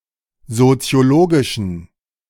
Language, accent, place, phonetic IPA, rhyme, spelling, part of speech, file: German, Germany, Berlin, [zot͡si̯oˈloːɡɪʃn̩], -oːɡɪʃn̩, soziologischen, adjective, De-soziologischen.ogg
- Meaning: inflection of soziologisch: 1. strong genitive masculine/neuter singular 2. weak/mixed genitive/dative all-gender singular 3. strong/weak/mixed accusative masculine singular 4. strong dative plural